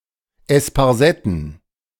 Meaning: plural of Esparsette
- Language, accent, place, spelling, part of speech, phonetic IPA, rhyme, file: German, Germany, Berlin, Esparsetten, noun, [ɛspaʁˈzɛtn̩], -ɛtn̩, De-Esparsetten.ogg